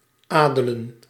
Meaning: 1. to ennoble (to bestow with nobility) 2. to ennoble, elevate, edify
- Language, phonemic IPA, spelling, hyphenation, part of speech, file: Dutch, /ˈaːdələ(n)/, adelen, ade‧len, verb, Nl-adelen.ogg